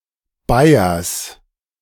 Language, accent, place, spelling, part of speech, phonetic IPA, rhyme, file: German, Germany, Berlin, Bayers, noun, [ˈbaɪ̯ɐs], -aɪ̯ɐs, De-Bayers.ogg
- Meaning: genitive singular of Bayer